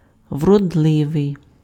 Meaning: beautiful, handsome
- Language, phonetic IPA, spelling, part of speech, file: Ukrainian, [wrɔdˈɫɪʋei̯], вродливий, adjective, Uk-вродливий.ogg